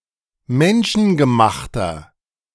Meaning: inflection of menschengemacht: 1. strong/mixed nominative masculine singular 2. strong genitive/dative feminine singular 3. strong genitive plural
- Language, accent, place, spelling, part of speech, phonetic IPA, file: German, Germany, Berlin, menschengemachter, adjective, [ˈmɛnʃn̩ɡəˌmaxtɐ], De-menschengemachter.ogg